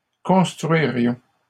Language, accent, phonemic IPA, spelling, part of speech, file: French, Canada, /kɔ̃s.tʁɥi.ʁjɔ̃/, construirions, verb, LL-Q150 (fra)-construirions.wav
- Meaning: first-person plural conditional of construire